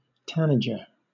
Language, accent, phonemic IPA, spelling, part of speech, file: English, Southern England, /ˈtæ.nə.d͡ʒə/, tanager, noun, LL-Q1860 (eng)-tanager.wav
- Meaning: Any of numerous species of often colorful passerine birds that inhabit New World forests within the family Thraupidae